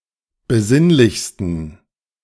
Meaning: 1. superlative degree of besinnlich 2. inflection of besinnlich: strong genitive masculine/neuter singular superlative degree
- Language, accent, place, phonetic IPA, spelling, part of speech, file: German, Germany, Berlin, [bəˈzɪnlɪçstn̩], besinnlichsten, adjective, De-besinnlichsten.ogg